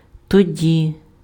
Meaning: 1. then, at that time 2. then, in that case 3. then, thereupon, after that
- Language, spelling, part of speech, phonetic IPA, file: Ukrainian, тоді, adverb, [toˈdʲi], Uk-тоді.ogg